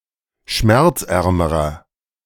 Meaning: inflection of schmerzarm: 1. strong/mixed nominative masculine singular comparative degree 2. strong genitive/dative feminine singular comparative degree 3. strong genitive plural comparative degree
- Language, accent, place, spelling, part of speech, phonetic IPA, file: German, Germany, Berlin, schmerzärmerer, adjective, [ˈʃmɛʁt͡sˌʔɛʁməʁɐ], De-schmerzärmerer.ogg